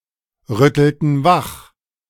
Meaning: inflection of wachrütteln: 1. first/third-person plural preterite 2. first/third-person plural subjunctive II
- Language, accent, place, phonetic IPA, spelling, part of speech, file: German, Germany, Berlin, [ˌʁʏtl̩tn̩ ˈvax], rüttelten wach, verb, De-rüttelten wach.ogg